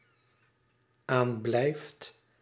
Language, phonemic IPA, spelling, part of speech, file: Dutch, /ˈamblɛift/, aanblijft, verb, Nl-aanblijft.ogg
- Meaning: second/third-person singular dependent-clause present indicative of aanblijven